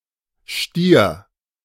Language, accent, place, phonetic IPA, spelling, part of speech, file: German, Germany, Berlin, [ʃtiːɐ̯], stier, adjective / verb, De-stier.ogg
- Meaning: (adjective) 1. rigid, unyielding, starched, stiffened 2. broke; penniless (having no money) 3. dull; stagnant; lackadaisical; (verb) singular imperative of stieren